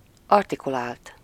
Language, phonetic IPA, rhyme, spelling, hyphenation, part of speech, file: Hungarian, [ˈɒrtikulaːlt], -aːlt, artikulált, ar‧ti‧ku‧lált, verb / adjective, Hu-artikulált.ogg
- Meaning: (verb) 1. third-person singular indicative past indefinite of artikulál 2. past participle of artikulál; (adjective) articulate